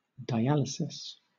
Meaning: A method of separating molecules or particles of different sizes by differential diffusion through a semipermeable membrane
- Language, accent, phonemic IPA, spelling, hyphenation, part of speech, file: English, Southern England, /daɪˈælɪsɪs/, dialysis, di‧al‧y‧sis, noun, LL-Q1860 (eng)-dialysis.wav